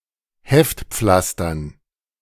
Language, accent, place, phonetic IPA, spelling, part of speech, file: German, Germany, Berlin, [ˈhɛftˌp͡flastɐn], Heftpflastern, noun, De-Heftpflastern.ogg
- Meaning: dative plural of Heftpflaster